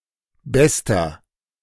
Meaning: inflection of gut: 1. strong/mixed nominative masculine singular superlative degree 2. strong genitive/dative feminine singular superlative degree 3. strong genitive plural superlative degree
- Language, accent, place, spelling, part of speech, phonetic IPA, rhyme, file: German, Germany, Berlin, bester, adjective, [ˈbɛstɐ], -ɛstɐ, De-bester.ogg